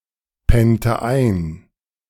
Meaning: inflection of einpennen: 1. first/third-person singular preterite 2. first/third-person singular subjunctive II
- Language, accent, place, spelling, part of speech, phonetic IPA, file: German, Germany, Berlin, pennte ein, verb, [ˌpɛntə ˈaɪ̯n], De-pennte ein.ogg